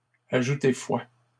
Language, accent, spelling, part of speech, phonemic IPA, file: French, Canada, ajouter foi, verb, /a.ʒu.te fwa/, LL-Q150 (fra)-ajouter foi.wav
- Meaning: to lend credence to, to give credence to, to put faith in, to believe